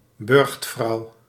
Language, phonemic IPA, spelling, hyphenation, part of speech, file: Dutch, /ˈbʏrxt.frɑu̯/, burchtvrouw, burcht‧vrouw, noun, Nl-burchtvrouw.ogg
- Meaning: a chatelaine